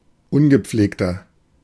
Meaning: 1. comparative degree of ungepflegt 2. inflection of ungepflegt: strong/mixed nominative masculine singular 3. inflection of ungepflegt: strong genitive/dative feminine singular
- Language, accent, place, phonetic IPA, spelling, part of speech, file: German, Germany, Berlin, [ˈʊnɡəˌp͡fleːktɐ], ungepflegter, adjective, De-ungepflegter.ogg